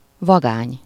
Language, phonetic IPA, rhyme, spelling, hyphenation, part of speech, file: Hungarian, [ˈvɒɡaːɲ], -aːɲ, vagány, va‧gány, adjective / noun, Hu-vagány.ogg
- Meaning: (adjective) 1. tough, rough, ruffianly (ready to do things that are usually considered dangerous) 2. cool (appealing by its rough/tough looks); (noun) tough, hoodlum, ruffian, rogue, daredevil